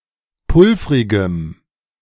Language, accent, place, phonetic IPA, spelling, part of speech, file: German, Germany, Berlin, [ˈpʊlfʁɪɡəm], pulvrigem, adjective, De-pulvrigem.ogg
- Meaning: strong dative masculine/neuter singular of pulvrig